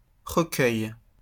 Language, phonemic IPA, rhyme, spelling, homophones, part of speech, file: French, /ʁə.kœj/, -œj, recueil, recueils, noun, LL-Q150 (fra)-recueil.wav
- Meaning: 1. compendium, anthology 2. collection